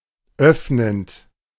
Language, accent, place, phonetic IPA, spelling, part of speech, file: German, Germany, Berlin, [ˈœfnənt], öffnend, verb, De-öffnend.ogg
- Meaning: present participle of öffnen